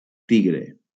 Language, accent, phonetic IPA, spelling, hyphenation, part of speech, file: Catalan, Valencia, [ˈti.ɣɾe], tigre, ti‧gre, noun, LL-Q7026 (cat)-tigre.wav
- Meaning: tiger